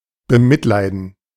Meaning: to pity
- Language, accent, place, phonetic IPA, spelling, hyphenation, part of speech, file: German, Germany, Berlin, [bəˈmɪtˌlaɪ̯dn̩], bemitleiden, be‧mit‧lei‧den, verb, De-bemitleiden.ogg